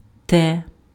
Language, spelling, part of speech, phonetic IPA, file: Ukrainian, те, determiner, [tɛ], Uk-те.ogg
- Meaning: nominative/accusative/vocative neuter singular of той (toj)